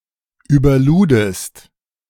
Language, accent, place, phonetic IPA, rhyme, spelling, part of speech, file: German, Germany, Berlin, [yːbɐˈluːdəst], -uːdəst, überludest, verb, De-überludest.ogg
- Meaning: second-person singular preterite of überladen